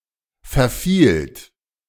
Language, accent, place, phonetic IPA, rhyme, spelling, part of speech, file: German, Germany, Berlin, [fɛɐ̯ˈfiːlt], -iːlt, verfielt, verb, De-verfielt.ogg
- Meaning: second-person plural preterite of verfallen